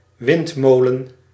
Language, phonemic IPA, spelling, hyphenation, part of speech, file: Dutch, /ˈʋɪntˌmoːlə(n)/, windmolen, wind‧mo‧len, noun, Nl-windmolen.ogg
- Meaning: 1. windmill 2. wind turbine